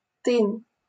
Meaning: fence (especially one made of twigs)
- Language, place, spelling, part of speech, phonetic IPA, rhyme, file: Russian, Saint Petersburg, тын, noun, [tɨn], -ɨn, LL-Q7737 (rus)-тын.wav